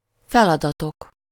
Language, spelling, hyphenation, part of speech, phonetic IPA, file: Hungarian, feladatok, fel‧ada‧tok, noun, [ˈfɛlɒdɒtok], Hu-feladatok.ogg
- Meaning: nominative plural of feladat